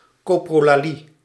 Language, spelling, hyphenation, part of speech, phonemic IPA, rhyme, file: Dutch, coprolalie, co‧pro‧la‧lie, noun, /ˌkoː.proː.laːˈli/, -i, Nl-coprolalie.ogg
- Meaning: coprolalia